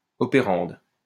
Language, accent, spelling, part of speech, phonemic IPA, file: French, France, opérande, noun, /ɔ.pe.ʁɑ̃d/, LL-Q150 (fra)-opérande.wav
- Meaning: operand (quantity to which an operator is applied)